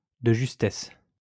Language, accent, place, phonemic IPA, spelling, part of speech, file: French, France, Lyon, /də ʒys.tɛs/, de justesse, adverb, LL-Q150 (fra)-de justesse.wav
- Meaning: narrowly, only just; by the skin of one's teeth